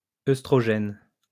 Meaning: oestrogen
- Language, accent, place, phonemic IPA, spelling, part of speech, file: French, France, Lyon, /ɛs.tʁɔ.ʒɛn/, œstrogène, noun, LL-Q150 (fra)-œstrogène.wav